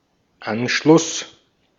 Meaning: 1. connection, joining 2. annexation 3. Anschluss 4. contact
- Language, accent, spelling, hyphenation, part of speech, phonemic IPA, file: German, Austria, Anschluss, An‧schluss, noun, /ˈanʃlʊs/, De-at-Anschluss.ogg